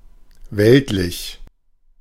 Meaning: earthly, mundane, worldly (concerned with the human, earthly, or physical)
- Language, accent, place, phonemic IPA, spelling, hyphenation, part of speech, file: German, Germany, Berlin, /ˈvɛltˌlɪç/, weltlich, welt‧lich, adjective, De-weltlich.ogg